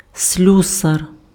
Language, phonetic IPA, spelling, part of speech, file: Ukrainian, [ˈsʲlʲusɐr], слюсар, noun, Uk-слюсар.ogg
- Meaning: locksmith